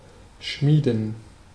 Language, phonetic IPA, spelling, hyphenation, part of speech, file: German, [ˈʃmiːdn̩], schmieden, schmie‧den, verb, De-schmieden.ogg
- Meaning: 1. to forge 2. to devise